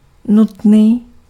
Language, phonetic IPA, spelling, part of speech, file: Czech, [ˈnutniː], nutný, adjective, Cs-nutný.ogg
- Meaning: necessary